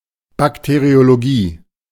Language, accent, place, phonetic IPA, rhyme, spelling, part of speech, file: German, Germany, Berlin, [ˌbakteʁioloˈɡiː], -iː, Bakteriologie, noun, De-Bakteriologie.ogg
- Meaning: bacteriology (the scientific study of bacteria)